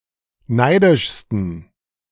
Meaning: 1. superlative degree of neidisch 2. inflection of neidisch: strong genitive masculine/neuter singular superlative degree
- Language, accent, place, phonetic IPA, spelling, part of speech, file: German, Germany, Berlin, [ˈnaɪ̯dɪʃstn̩], neidischsten, adjective, De-neidischsten.ogg